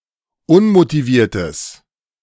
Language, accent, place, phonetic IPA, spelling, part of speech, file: German, Germany, Berlin, [ˈʊnmotiˌviːɐ̯təs], unmotiviertes, adjective, De-unmotiviertes.ogg
- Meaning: strong/mixed nominative/accusative neuter singular of unmotiviert